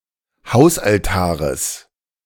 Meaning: genitive singular of Hausaltar
- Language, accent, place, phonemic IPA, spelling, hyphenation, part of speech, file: German, Germany, Berlin, /ˈhaʊ̯sʔalˌtaːʁəs/, Hausaltares, Haus‧al‧ta‧res, noun, De-Hausaltares.ogg